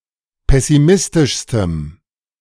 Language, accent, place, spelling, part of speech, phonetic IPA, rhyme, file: German, Germany, Berlin, pessimistischstem, adjective, [ˌpɛsiˈmɪstɪʃstəm], -ɪstɪʃstəm, De-pessimistischstem.ogg
- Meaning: strong dative masculine/neuter singular superlative degree of pessimistisch